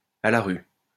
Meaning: on the street, without a home, homeless
- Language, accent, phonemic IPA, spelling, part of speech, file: French, France, /a la ʁy/, à la rue, adjective, LL-Q150 (fra)-à la rue.wav